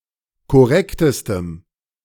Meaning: strong dative masculine/neuter singular superlative degree of korrekt
- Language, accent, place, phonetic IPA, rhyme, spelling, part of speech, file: German, Germany, Berlin, [kɔˈʁɛktəstəm], -ɛktəstəm, korrektestem, adjective, De-korrektestem.ogg